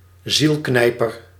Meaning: alternative form of zielenknijper
- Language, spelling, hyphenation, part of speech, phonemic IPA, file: Dutch, zielknijper, ziel‧knij‧per, noun, /ˈzilˌknɛi̯.pər/, Nl-zielknijper.ogg